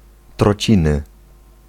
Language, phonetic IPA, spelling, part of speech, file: Polish, [trɔˈt͡ɕĩnɨ], trociny, noun, Pl-trociny.ogg